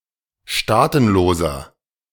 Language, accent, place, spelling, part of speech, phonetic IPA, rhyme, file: German, Germany, Berlin, staatenloser, adjective, [ˈʃtaːtn̩loːzɐ], -aːtn̩loːzɐ, De-staatenloser.ogg
- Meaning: inflection of staatenlos: 1. strong/mixed nominative masculine singular 2. strong genitive/dative feminine singular 3. strong genitive plural